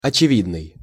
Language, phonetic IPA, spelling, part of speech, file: Russian, [ɐt͡ɕɪˈvʲidnɨj], очевидный, adjective, Ru-очевидный.ogg
- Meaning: apparent, obvious (easily discovered or understood; self-explanatory)